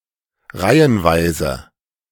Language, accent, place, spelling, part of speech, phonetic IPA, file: German, Germany, Berlin, reihenweise, adverb, [ˈʁaɪ̯ənˌvaɪ̯zə], De-reihenweise.ogg
- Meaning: serially